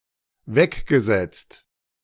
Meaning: past participle of wegsetzen
- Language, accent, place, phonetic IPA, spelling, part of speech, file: German, Germany, Berlin, [ˈvɛkɡəˌzɛt͡st], weggesetzt, verb, De-weggesetzt.ogg